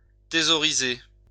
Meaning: to hoard
- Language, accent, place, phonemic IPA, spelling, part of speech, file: French, France, Lyon, /te.zɔ.ʁi.ze/, thésauriser, verb, LL-Q150 (fra)-thésauriser.wav